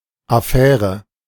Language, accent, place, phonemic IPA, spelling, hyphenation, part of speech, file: German, Germany, Berlin, /aˈfɛːrə/, Affäre, Af‧fä‧re, noun, De-Affäre.ogg
- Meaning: a delicate, problematic or annoying affair, business that forces one to act carefully; especially